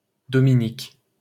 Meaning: 1. a male given name, equivalent to English Dominic 2. a female given name, masculine equivalent Dominic 3. Dominica (an island and country in the Caribbean)
- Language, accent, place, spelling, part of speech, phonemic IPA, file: French, France, Paris, Dominique, proper noun, /dɔ.mi.nik/, LL-Q150 (fra)-Dominique.wav